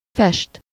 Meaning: 1. to paint (something a colour: -ra/-re) 2. to dye 3. to look in some way
- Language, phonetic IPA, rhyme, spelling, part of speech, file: Hungarian, [ˈfɛʃt], -ɛʃt, fest, verb, Hu-fest.ogg